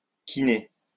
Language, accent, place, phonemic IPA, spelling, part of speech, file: French, France, Lyon, /ki.ne/, quiner, verb, LL-Q150 (fra)-quiner.wav
- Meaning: 1. complain; whine; moan 2. squeal (of a vehicle's tyres)